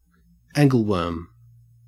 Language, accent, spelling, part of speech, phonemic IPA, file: English, Australia, angleworm, noun, /ˈæŋ.ɡəlˌwɜɹm/, En-au-angleworm.ogg
- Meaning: An earthworm, used as or destined to be used as bait to catch fish